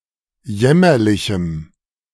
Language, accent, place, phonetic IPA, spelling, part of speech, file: German, Germany, Berlin, [ˈjɛmɐlɪçm̩], jämmerlichem, adjective, De-jämmerlichem.ogg
- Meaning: strong dative masculine/neuter singular of jämmerlich